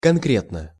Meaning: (adverb) concretely, specifically; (adjective) short neuter singular of конкре́тный (konkrétnyj)
- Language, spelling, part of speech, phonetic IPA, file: Russian, конкретно, adverb / adjective, [kɐnˈkrʲetnə], Ru-конкретно.ogg